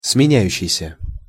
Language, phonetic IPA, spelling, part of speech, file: Russian, [smʲɪˈnʲæjʉɕːɪjsʲə], сменяющийся, verb, Ru-сменяющийся.ogg
- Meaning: present active imperfective participle of сменя́ться (smenjátʹsja)